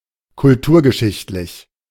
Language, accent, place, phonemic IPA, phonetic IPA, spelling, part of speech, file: German, Germany, Berlin, /kʊlˈtuːʁɡəˌʃɪçtlɪç/, [kʰʊlˈtuːɐ̯ɡəˌʃɪçtlɪç], kulturgeschichtlich, adjective, De-kulturgeschichtlich.ogg
- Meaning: historico-cultural